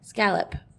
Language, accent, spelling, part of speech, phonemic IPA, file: English, Australia, scallop, noun / verb, /ˈskæləp/, En-au-scallop.wav
- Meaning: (noun) 1. Any of various marine bivalve molluscs of the superfamily Pectinoidea 2. One of a series of curves, forming an edge similar to a scallop shell, especially in knitting and crochet